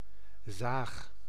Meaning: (noun) 1. saw (cutting tool) 2. female nagger, whiner (annoying woman); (verb) inflection of zagen: 1. first-person singular present indicative 2. second-person singular present indicative
- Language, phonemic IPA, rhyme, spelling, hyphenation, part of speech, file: Dutch, /zaːx/, -aːx, zaag, zaag, noun / verb, Nl-zaag.ogg